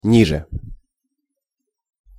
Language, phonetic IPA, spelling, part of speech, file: Russian, [ˈnʲiʐɨ], ниже, adverb, Ru-ниже.ogg
- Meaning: 1. below, beneath, under 2. lower, down (from a higher to a lower position, downwards) 3. shorter